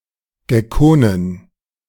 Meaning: plural of Gecko
- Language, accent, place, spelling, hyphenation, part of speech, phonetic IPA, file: German, Germany, Berlin, Geckonen, Ge‧cko‧nen, noun, [ɡɛˈkoːnən], De-Geckonen.ogg